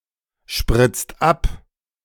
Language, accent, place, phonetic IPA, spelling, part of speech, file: German, Germany, Berlin, [ˌʃpʁɪt͡st ˈap], spritzt ab, verb, De-spritzt ab.ogg
- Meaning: inflection of abspritzen: 1. second-person singular/plural present 2. third-person singular present 3. plural imperative